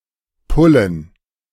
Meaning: plural of Pulle
- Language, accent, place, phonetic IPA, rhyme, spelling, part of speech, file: German, Germany, Berlin, [ˈpʊlən], -ʊlən, Pullen, noun, De-Pullen.ogg